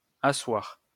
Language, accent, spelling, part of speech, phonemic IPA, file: French, France, assoir, verb, /a.swaʁ/, LL-Q150 (fra)-assoir.wav
- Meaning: post-1990 spelling of asseoir